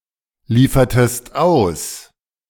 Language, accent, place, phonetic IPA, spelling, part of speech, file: German, Germany, Berlin, [ˌliːfɐtəst ˈaʊ̯s], liefertest aus, verb, De-liefertest aus.ogg
- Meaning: inflection of ausliefern: 1. second-person singular preterite 2. second-person singular subjunctive II